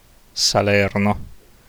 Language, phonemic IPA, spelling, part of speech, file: Italian, /saˈlɛrno/, Salerno, proper noun, It-Salerno.ogg